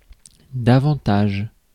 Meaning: more
- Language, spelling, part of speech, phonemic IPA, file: French, davantage, adverb, /da.vɑ̃.taʒ/, Fr-davantage.ogg